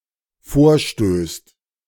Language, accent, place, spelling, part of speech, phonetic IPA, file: German, Germany, Berlin, vorstößt, verb, [ˈfoːɐ̯ˌʃtøːst], De-vorstößt.ogg
- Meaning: second/third-person singular dependent present of vorstoßen